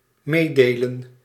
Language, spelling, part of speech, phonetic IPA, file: Dutch, meedelen, verb, [ˈmeː.deː.lə(n)], Nl-meedelen.ogg
- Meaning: to communicate, to disseminate (share information)